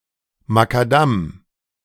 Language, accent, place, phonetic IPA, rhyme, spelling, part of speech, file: German, Germany, Berlin, [makaˈdam], -am, Makadam, noun, De-Makadam.ogg
- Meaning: macadam (surface of a road)